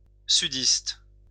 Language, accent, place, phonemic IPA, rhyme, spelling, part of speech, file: French, France, Lyon, /sy.dist/, -ist, sudiste, adjective / noun, LL-Q150 (fra)-sudiste.wav
- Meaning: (adjective) southern; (noun) Southerner (resident or native of the south)